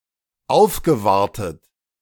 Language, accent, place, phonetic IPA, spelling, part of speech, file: German, Germany, Berlin, [ˈaʊ̯fɡəˌvaʁtət], aufgewartet, verb, De-aufgewartet.ogg
- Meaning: past participle of aufwarten